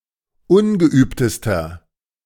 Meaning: inflection of ungeübt: 1. strong/mixed nominative masculine singular superlative degree 2. strong genitive/dative feminine singular superlative degree 3. strong genitive plural superlative degree
- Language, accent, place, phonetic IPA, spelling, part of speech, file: German, Germany, Berlin, [ˈʊnɡəˌʔyːptəstɐ], ungeübtester, adjective, De-ungeübtester.ogg